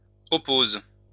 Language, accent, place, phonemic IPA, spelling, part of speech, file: French, France, Lyon, /ɔ.poz/, opposes, verb, LL-Q150 (fra)-opposes.wav
- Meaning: second-person singular present indicative/subjunctive of opposer